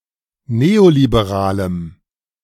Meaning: strong dative masculine/neuter singular of neoliberal
- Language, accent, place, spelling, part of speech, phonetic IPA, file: German, Germany, Berlin, neoliberalem, adjective, [ˈneːolibeˌʁaːləm], De-neoliberalem.ogg